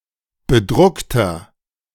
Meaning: inflection of bedruckt: 1. strong/mixed nominative masculine singular 2. strong genitive/dative feminine singular 3. strong genitive plural
- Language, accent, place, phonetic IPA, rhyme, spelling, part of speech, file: German, Germany, Berlin, [bəˈdʁʊktɐ], -ʊktɐ, bedruckter, adjective, De-bedruckter.ogg